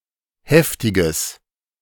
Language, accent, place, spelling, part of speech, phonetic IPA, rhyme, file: German, Germany, Berlin, heftiges, adjective, [ˈhɛftɪɡəs], -ɛftɪɡəs, De-heftiges.ogg
- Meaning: strong/mixed nominative/accusative neuter singular of heftig